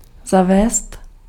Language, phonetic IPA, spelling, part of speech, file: Czech, [ˈzavɛːst], zavést, verb, Cs-zavést.ogg
- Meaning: 1. to introduce (to bring into practice) 2. to implement